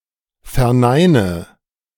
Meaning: inflection of verneinen: 1. first-person singular present 2. first/third-person singular subjunctive I 3. singular imperative
- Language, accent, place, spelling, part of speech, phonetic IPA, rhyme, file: German, Germany, Berlin, verneine, verb, [fɛɐ̯ˈnaɪ̯nə], -aɪ̯nə, De-verneine.ogg